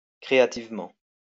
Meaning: creatively
- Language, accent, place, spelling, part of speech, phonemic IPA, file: French, France, Lyon, créativement, adverb, /kʁe.a.tiv.mɑ̃/, LL-Q150 (fra)-créativement.wav